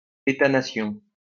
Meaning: nation-state
- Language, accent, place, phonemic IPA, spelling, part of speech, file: French, France, Lyon, /e.ta.na.sjɔ̃/, État-nation, noun, LL-Q150 (fra)-État-nation.wav